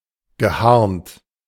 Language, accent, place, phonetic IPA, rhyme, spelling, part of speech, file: German, Germany, Berlin, [ɡəˈhaʁnt], -aʁnt, geharnt, verb, De-geharnt.ogg
- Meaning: past participle of harnen